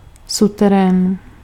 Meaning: basement
- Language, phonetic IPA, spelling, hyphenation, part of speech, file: Czech, [ˈsutɛrɛːn], suterén, su‧te‧rén, noun, Cs-suterén.ogg